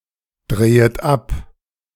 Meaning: second-person plural subjunctive I of abdrehen
- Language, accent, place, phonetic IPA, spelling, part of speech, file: German, Germany, Berlin, [ˌdʁeːət ˈap], drehet ab, verb, De-drehet ab.ogg